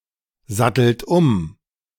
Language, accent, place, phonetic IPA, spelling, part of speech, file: German, Germany, Berlin, [ˌzatl̩t ˈʊm], sattelt um, verb, De-sattelt um.ogg
- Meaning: inflection of umsatteln: 1. second-person plural present 2. third-person singular present 3. plural imperative